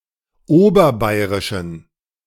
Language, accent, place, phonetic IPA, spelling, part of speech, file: German, Germany, Berlin, [ˈoːbɐˌbaɪ̯ʁɪʃn̩], oberbayrischen, adjective, De-oberbayrischen.ogg
- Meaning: inflection of oberbayrisch: 1. strong genitive masculine/neuter singular 2. weak/mixed genitive/dative all-gender singular 3. strong/weak/mixed accusative masculine singular 4. strong dative plural